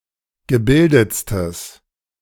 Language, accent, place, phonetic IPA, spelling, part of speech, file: German, Germany, Berlin, [ɡəˈbɪldət͡stəs], gebildetstes, adjective, De-gebildetstes.ogg
- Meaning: strong/mixed nominative/accusative neuter singular superlative degree of gebildet